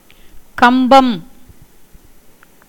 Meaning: 1. post, pillar 2. lamp, candlestick
- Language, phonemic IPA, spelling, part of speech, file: Tamil, /kɐmbɐm/, கம்பம், noun, Ta-கம்பம்.ogg